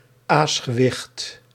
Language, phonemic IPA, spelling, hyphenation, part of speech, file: Dutch, /ˈaːs.xəˌʋɪxt/, aasgewicht, aas‧ge‧wicht, noun, Nl-aasgewicht.ogg
- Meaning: weight for weighing the degree to which coins deviated from a standardised mass